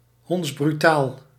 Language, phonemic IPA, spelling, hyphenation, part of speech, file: Dutch, /ˌɦɔnts.bryˈtaːl/, hondsbrutaal, honds‧bru‧taal, adjective, Nl-hondsbrutaal.ogg
- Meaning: shameless, impudent, extremely audacious